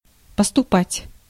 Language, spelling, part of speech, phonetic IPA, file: Russian, поступать, verb, [pəstʊˈpatʲ], Ru-поступать.ogg
- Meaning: 1. to act, to behave, to do things (in a certain way) 2. to treat (with), to deal (with), to handle 3. to enter, to join, to matriculate 4. to arrive, to come in, to be received, to be forthcoming